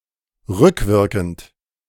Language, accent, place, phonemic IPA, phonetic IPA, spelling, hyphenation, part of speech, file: German, Germany, Berlin, /ˈʁʏkˌvɪʁkənt/, [ˈʁʏkʰˌvɪʁkʰn̩tʰ], rückwirkend, rück‧wir‧kend, verb / adjective, De-rückwirkend.ogg
- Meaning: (verb) present participle of rückwirken; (adjective) retroactive